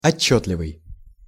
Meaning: 1. distinct, clear 2. intelligible
- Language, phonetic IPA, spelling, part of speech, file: Russian, [ɐˈt͡ɕːɵtlʲɪvɨj], отчётливый, adjective, Ru-отчётливый.ogg